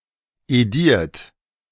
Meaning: 1. past participle of edieren 2. inflection of edieren: third-person singular/plural present 3. inflection of edieren: imperative plural
- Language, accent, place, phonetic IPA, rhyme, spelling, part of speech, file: German, Germany, Berlin, [eˈdiːɐ̯t], -iːɐ̯t, ediert, verb, De-ediert.ogg